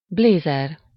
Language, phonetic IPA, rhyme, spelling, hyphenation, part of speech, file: Hungarian, [ˈbleːzɛr], -ɛr, blézer, blé‧zer, noun, Hu-blézer.ogg
- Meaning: blazer (a jacket)